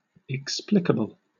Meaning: Able to be explained
- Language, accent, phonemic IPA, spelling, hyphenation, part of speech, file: English, Southern England, /ɪkˈsplɪkəbəl/, explicable, ex‧pli‧ca‧ble, adjective, LL-Q1860 (eng)-explicable.wav